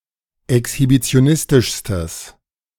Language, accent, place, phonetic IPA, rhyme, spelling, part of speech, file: German, Germany, Berlin, [ɛkshibit͡si̯oˈnɪstɪʃstəs], -ɪstɪʃstəs, exhibitionistischstes, adjective, De-exhibitionistischstes.ogg
- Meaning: strong/mixed nominative/accusative neuter singular superlative degree of exhibitionistisch